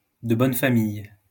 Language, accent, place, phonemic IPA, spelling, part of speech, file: French, France, Lyon, /də bɔn fa.mij/, de bonne famille, adjective, LL-Q150 (fra)-de bonne famille.wav
- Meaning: coming from a family that is considered to be respectable and with traditions